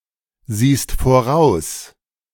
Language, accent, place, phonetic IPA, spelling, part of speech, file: German, Germany, Berlin, [ˌziːst foˈʁaʊ̯s], siehst voraus, verb, De-siehst voraus.ogg
- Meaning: second-person singular present of voraussehen